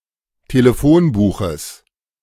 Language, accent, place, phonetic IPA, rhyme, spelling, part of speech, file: German, Germany, Berlin, [teləˈfoːnˌbuːxəs], -oːnbuːxəs, Telefonbuches, noun, De-Telefonbuches.ogg
- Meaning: genitive singular of Telefonbuch